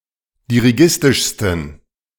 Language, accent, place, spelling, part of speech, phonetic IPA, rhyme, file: German, Germany, Berlin, dirigistischsten, adjective, [diʁiˈɡɪstɪʃstn̩], -ɪstɪʃstn̩, De-dirigistischsten.ogg
- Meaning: 1. superlative degree of dirigistisch 2. inflection of dirigistisch: strong genitive masculine/neuter singular superlative degree